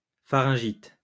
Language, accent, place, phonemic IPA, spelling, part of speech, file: French, France, Lyon, /fa.ʁɛ̃.ʒit/, pharyngite, noun, LL-Q150 (fra)-pharyngite.wav
- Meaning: pharyngitis